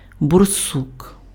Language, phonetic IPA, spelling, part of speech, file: Ukrainian, [borˈsuk], борсук, noun, Uk-борсук.ogg
- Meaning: badger (mammal)